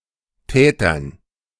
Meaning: dative plural of Täter
- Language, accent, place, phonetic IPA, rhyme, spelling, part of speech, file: German, Germany, Berlin, [ˈtɛːtɐn], -ɛːtɐn, Tätern, noun, De-Tätern.ogg